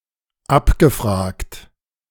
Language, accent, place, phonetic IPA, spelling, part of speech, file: German, Germany, Berlin, [ˈapɡəˌfʁaːkt], abgefragt, verb, De-abgefragt.ogg
- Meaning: past participle of abfragen